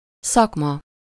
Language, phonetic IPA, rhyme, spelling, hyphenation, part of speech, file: Hungarian, [ˈsɒkmɒ], -mɒ, szakma, szak‧ma, noun, Hu-szakma.ogg
- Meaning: profession, occupation, trade, craft (an activity in which one has a professed expertise in a particular area; a job, especially one requiring a high level of skill or training)